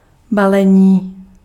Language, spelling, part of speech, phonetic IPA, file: Czech, balení, noun / adjective, [ˈbalɛɲiː], Cs-balení.ogg
- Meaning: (noun) 1. verbal noun of balit 2. packing 3. package 4. packaging; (adjective) animate masculine nominative/vocative plural of balený